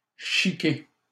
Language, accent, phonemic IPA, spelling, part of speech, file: French, Canada, /ʃi.ke/, chiquer, verb, LL-Q150 (fra)-chiquer.wav
- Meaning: 1. to chew tobacco 2. to chew gum